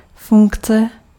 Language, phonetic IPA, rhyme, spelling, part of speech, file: Czech, [ˈfuŋkt͡sɛ], -uŋktsɛ, funkce, noun, Cs-funkce.ogg
- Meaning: 1. function 2. function (math: a relation between a set of inputs and a set of permissible outputs) 3. function (programming: routine that returns a result) 4. feature